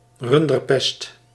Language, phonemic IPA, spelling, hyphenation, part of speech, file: Dutch, /ˈrʏn.dərˌpɛst/, runderpest, run‧der‧pest, noun, Nl-runderpest.ogg
- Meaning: rinderpest